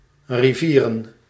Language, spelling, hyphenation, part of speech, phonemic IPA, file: Dutch, rivieren, ri‧vie‧ren, noun, /riˈvirə(n)/, Nl-rivieren.ogg
- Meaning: plural of rivier